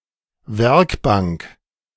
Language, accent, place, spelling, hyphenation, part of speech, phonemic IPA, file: German, Germany, Berlin, Werkbank, Werk‧bank, noun, /ˈvɛʁkˌbaŋk/, De-Werkbank.ogg
- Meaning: workbench (table at which manual work is done)